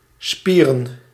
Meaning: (noun) plural of spier; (verb) to have a hard-on, to have an erection
- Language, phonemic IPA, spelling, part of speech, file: Dutch, /ˈspirə(n)/, spieren, noun, Nl-spieren.ogg